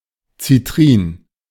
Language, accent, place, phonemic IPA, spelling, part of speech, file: German, Germany, Berlin, /t͡siˈtʁiːn/, Citrin, noun, De-Citrin.ogg
- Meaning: citrine (variety of quartz)